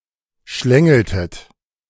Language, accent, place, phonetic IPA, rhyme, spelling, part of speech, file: German, Germany, Berlin, [ˈʃlɛŋl̩tət], -ɛŋl̩tət, schlängeltet, verb, De-schlängeltet.ogg
- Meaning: inflection of schlängeln: 1. second-person plural preterite 2. second-person plural subjunctive II